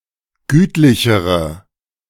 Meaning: inflection of gütlich: 1. strong/mixed nominative/accusative feminine singular comparative degree 2. strong nominative/accusative plural comparative degree
- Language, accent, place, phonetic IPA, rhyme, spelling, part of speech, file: German, Germany, Berlin, [ˈɡyːtlɪçəʁə], -yːtlɪçəʁə, gütlichere, adjective, De-gütlichere.ogg